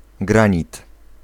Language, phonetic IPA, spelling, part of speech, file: Polish, [ˈɡrãɲit], granit, noun, Pl-granit.ogg